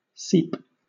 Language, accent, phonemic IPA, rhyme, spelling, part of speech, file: English, Southern England, /siːp/, -iːp, seep, verb / noun, LL-Q1860 (eng)-seep.wav
- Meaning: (verb) 1. To ooze or pass slowly through pores or other small openings, and in overly small quantities; said of liquids, etc 2. To enter or penetrate slowly; to spread or diffuse